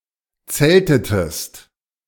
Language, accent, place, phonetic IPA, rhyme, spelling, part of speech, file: German, Germany, Berlin, [ˈt͡sɛltətəst], -ɛltətəst, zeltetest, verb, De-zeltetest.ogg
- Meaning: inflection of zelten: 1. second-person singular preterite 2. second-person singular subjunctive II